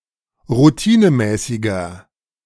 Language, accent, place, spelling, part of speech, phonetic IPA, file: German, Germany, Berlin, routinemäßiger, adjective, [ʁuˈtiːnəˌmɛːsɪɡɐ], De-routinemäßiger.ogg
- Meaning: 1. comparative degree of routinemäßig 2. inflection of routinemäßig: strong/mixed nominative masculine singular 3. inflection of routinemäßig: strong genitive/dative feminine singular